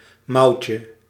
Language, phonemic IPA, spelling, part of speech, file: Dutch, /ˈmɑucə/, mouwtje, noun, Nl-mouwtje.ogg
- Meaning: diminutive of mouw